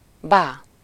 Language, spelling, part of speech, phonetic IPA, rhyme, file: Hungarian, bá, noun, [ˈbaː], -baː, Hu-bá.ogg
- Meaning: uncle